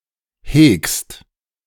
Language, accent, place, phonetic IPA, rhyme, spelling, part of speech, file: German, Germany, Berlin, [heːkst], -eːkst, hegst, verb, De-hegst.ogg
- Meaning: second-person singular present of hegen